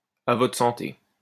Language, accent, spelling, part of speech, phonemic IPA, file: French, France, à votre santé, interjection, /a vɔ.tʁə sɑ̃.te/, LL-Q150 (fra)-à votre santé.wav
- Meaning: to your health, cheers